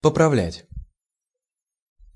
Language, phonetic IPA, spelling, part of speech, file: Russian, [pəprɐˈvlʲætʲ], поправлять, verb, Ru-поправлять.ogg
- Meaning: 1. to correct, to improve, to repair 2. to adjust, to put/set right